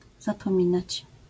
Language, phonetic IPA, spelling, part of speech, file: Polish, [ˌzapɔ̃ˈmʲĩnat͡ɕ], zapominać, verb, LL-Q809 (pol)-zapominać.wav